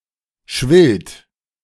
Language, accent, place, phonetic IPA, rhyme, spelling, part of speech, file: German, Germany, Berlin, [ʃvɪlt], -ɪlt, schwillt, verb, De-schwillt.ogg
- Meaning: third-person singular present of schwellen